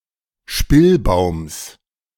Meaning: genitive singular of Spillbaum
- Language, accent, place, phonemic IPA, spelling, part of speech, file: German, Germany, Berlin, /ˈʃpɪlˌbaʊ̯ms/, Spillbaums, noun, De-Spillbaums.ogg